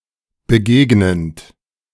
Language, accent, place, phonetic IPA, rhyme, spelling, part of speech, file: German, Germany, Berlin, [bəˈɡeːɡnənt], -eːɡnənt, begegnend, verb, De-begegnend.ogg
- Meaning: present participle of begegnen